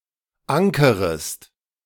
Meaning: second-person singular subjunctive I of ankern
- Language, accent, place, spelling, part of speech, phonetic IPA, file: German, Germany, Berlin, ankerest, verb, [ˈaŋkəʁəst], De-ankerest.ogg